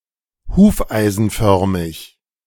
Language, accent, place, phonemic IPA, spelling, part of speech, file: German, Germany, Berlin, /ˈhuːfʔaɪ̯zn̩ˌfœʁmɪç/, hufeisenförmig, adjective, De-hufeisenförmig.ogg
- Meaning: horseshoe-shaped